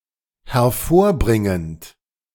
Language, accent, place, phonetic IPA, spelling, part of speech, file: German, Germany, Berlin, [hɛɐ̯ˈfoːɐ̯ˌbʁɪŋənt], hervorbringend, verb, De-hervorbringend.ogg
- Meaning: present participle of hervorbringen